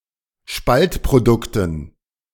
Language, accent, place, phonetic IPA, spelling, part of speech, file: German, Germany, Berlin, [ˈʃpaltpʁoˌdʊktn̩], Spaltprodukten, noun, De-Spaltprodukten.ogg
- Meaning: dative plural of Spaltprodukt